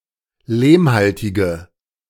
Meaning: inflection of lehmhaltig: 1. strong/mixed nominative/accusative feminine singular 2. strong nominative/accusative plural 3. weak nominative all-gender singular
- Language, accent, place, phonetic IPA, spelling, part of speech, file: German, Germany, Berlin, [ˈleːmˌhaltɪɡə], lehmhaltige, adjective, De-lehmhaltige.ogg